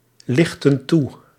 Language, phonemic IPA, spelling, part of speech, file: Dutch, /ˈlɪxtə(n) ˈtu/, lichtten toe, verb, Nl-lichtten toe.ogg
- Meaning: inflection of toelichten: 1. plural past indicative 2. plural past subjunctive